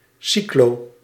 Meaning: cyclo-
- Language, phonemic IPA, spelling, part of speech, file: Dutch, /ˈsikloː/, cyclo-, prefix, Nl-cyclo-.ogg